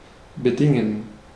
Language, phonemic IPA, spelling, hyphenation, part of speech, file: German, /bəˈdɪŋən/, bedingen, be‧din‧gen, verb, De-bedingen.ogg
- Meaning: 1. to have agreed upon as a contractual term 2. to require, have as a prerequisite or condition 3. to cause